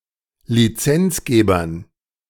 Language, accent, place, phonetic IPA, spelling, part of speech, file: German, Germany, Berlin, [liˈt͡sɛnt͡sˌɡeːbɐn], Lizenzgebern, noun, De-Lizenzgebern.ogg
- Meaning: dative plural of Lizenzgeber